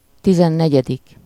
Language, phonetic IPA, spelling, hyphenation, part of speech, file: Hungarian, [ˈtizɛnːɛɟɛdik], tizennegyedik, ti‧zen‧ne‧gye‧dik, numeral, Hu-tizennegyedik.ogg
- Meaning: fourteenth